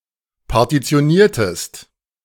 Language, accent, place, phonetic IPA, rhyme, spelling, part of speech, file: German, Germany, Berlin, [paʁtit͡si̯oˈniːɐ̯təst], -iːɐ̯təst, partitioniertest, verb, De-partitioniertest.ogg
- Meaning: inflection of partitionieren: 1. second-person singular preterite 2. second-person singular subjunctive II